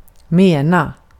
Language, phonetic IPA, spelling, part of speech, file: Swedish, [²meːna], mena, verb, Sv-mena.ogg
- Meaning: 1. to mean; to convey, or to want to convey 2. to mean; to be of the opinion that or to have as one's conviction 3. to mean; to have as one's intention